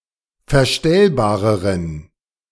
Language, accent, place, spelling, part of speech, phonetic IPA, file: German, Germany, Berlin, verstellbareren, adjective, [fɛɐ̯ˈʃtɛlbaːʁəʁən], De-verstellbareren.ogg
- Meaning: inflection of verstellbar: 1. strong genitive masculine/neuter singular comparative degree 2. weak/mixed genitive/dative all-gender singular comparative degree